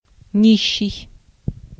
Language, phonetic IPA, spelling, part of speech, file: Russian, [ˈnʲiɕːɪj], нищий, adjective / noun, Ru-нищий.ogg
- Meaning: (adjective) poor, beggarly, destitute; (noun) beggar, pauper